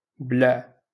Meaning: to swallow
- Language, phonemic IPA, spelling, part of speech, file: Moroccan Arabic, /blaʕ/, بلع, verb, LL-Q56426 (ary)-بلع.wav